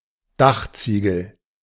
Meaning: roof tile
- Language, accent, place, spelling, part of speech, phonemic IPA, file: German, Germany, Berlin, Dachziegel, noun, /ˈdaxtsiːɡl̩/, De-Dachziegel.ogg